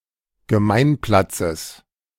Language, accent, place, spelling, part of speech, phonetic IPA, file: German, Germany, Berlin, Gemeinplatzes, noun, [ɡəˈmaɪ̯nˌplat͡səs], De-Gemeinplatzes.ogg
- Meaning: genitive singular of Gemeinplatz